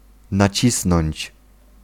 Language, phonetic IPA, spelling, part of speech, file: Polish, [naˈt͡ɕisnɔ̃ɲt͡ɕ], nacisnąć, verb, Pl-nacisnąć.ogg